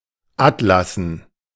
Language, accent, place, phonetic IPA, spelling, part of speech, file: German, Germany, Berlin, [ˈatlasn̩], atlassen, adjective, De-atlassen.ogg
- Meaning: composed of atlases